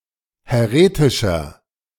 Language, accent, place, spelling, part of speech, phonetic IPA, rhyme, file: German, Germany, Berlin, häretischer, adjective, [hɛˈʁeːtɪʃɐ], -eːtɪʃɐ, De-häretischer.ogg
- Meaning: inflection of häretisch: 1. strong/mixed nominative masculine singular 2. strong genitive/dative feminine singular 3. strong genitive plural